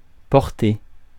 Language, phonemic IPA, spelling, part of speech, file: French, /pɔʁ.te/, portée, noun / verb, Fr-portée.ogg
- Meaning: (noun) 1. reach, range, scope 2. range (of a weapon) 3. litter (animals born in one birth) 4. stave 5. scope; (verb) feminine singular of porté